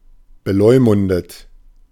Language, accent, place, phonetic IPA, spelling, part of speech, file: German, Germany, Berlin, [bəˈlɔɪ̯mʊndət], beleumundet, adjective / verb, De-beleumundet.ogg
- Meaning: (verb) past participle of beleumunden; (adjective) having a specified reputation